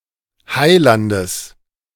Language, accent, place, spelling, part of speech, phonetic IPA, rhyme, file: German, Germany, Berlin, Heilandes, noun, [ˈhaɪ̯ˌlandəs], -aɪ̯landəs, De-Heilandes.ogg
- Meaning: genitive singular of Heiland